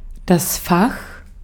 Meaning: 1. compartment 2. drawer 3. subject
- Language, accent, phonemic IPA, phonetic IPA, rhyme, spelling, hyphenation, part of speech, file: German, Austria, /fax/, [fäχ], -ax, Fach, Fach, noun, De-at-Fach.ogg